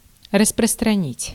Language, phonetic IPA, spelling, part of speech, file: Russian, [rəsprəstrɐˈnʲitʲ], распространить, verb, Ru-распространить.ogg
- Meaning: to proliferate, to spread, to diffuse, to distribute